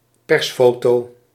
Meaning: a press photograph
- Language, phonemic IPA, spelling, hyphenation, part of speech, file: Dutch, /ˈpɛrsˌfoː.toː/, persfoto, pers‧fo‧to, noun, Nl-persfoto.ogg